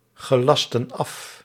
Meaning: inflection of afgelasten: 1. plural present indicative 2. plural present subjunctive
- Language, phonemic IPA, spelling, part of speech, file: Dutch, /ɣəˈlɑstə(n) ˈɑf/, gelasten af, verb, Nl-gelasten af.ogg